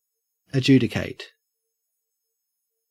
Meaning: 1. To decide, rule on, or settle as a judge 2. To act as a judge 3. To seize or convey as security
- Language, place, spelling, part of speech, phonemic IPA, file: English, Queensland, adjudicate, verb, /əˈd͡ʒʉː.dɪ.kæɪt/, En-au-adjudicate.ogg